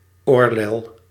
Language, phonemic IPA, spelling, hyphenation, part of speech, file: Dutch, /ˈoːr.lɛl/, oorlel, oor‧lel, noun, Nl-oorlel.ogg
- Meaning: earlobe